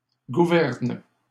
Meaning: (noun) plural of gouverne; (verb) second-person singular present indicative/subjunctive of gouverner
- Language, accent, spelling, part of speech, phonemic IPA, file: French, Canada, gouvernes, noun / verb, /ɡu.vɛʁn/, LL-Q150 (fra)-gouvernes.wav